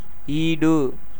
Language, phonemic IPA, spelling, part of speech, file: Tamil, /iːɖɯ/, ஈடு, adjective / noun, Ta-ஈடு.ogg
- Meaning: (adjective) 1. equal, same 2. fit, adept; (noun) 1. equal, match 2. compensation, recompense 3. substitute